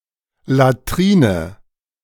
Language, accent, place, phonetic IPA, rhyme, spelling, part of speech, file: German, Germany, Berlin, [laˈtʁiːnə], -iːnə, Latrine, noun, De-Latrine.ogg
- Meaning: latrine (very simple toilet facility)